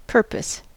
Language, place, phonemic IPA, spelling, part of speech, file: English, California, /ˈpɝ.pəs/, purpose, noun / verb, En-us-purpose.ogg
- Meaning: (noun) 1. The end for which something is done, is made or exists 2. Function, role 3. meaning for existing or doing something 4. Resolution; determination